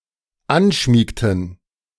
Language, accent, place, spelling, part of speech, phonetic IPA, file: German, Germany, Berlin, anschmiegten, verb, [ˈanˌʃmiːktn̩], De-anschmiegten.ogg
- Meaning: inflection of anschmiegen: 1. first/third-person plural dependent preterite 2. first/third-person plural dependent subjunctive II